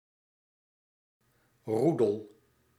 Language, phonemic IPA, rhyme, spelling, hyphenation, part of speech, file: Dutch, /ˈru.dəl/, -udəl, roedel, roe‧del, noun, Nl-roedel.ogg
- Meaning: group of animals, especially a pack of wolves